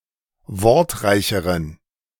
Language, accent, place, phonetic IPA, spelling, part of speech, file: German, Germany, Berlin, [ˈvɔʁtˌʁaɪ̯çəʁən], wortreicheren, adjective, De-wortreicheren.ogg
- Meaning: inflection of wortreich: 1. strong genitive masculine/neuter singular comparative degree 2. weak/mixed genitive/dative all-gender singular comparative degree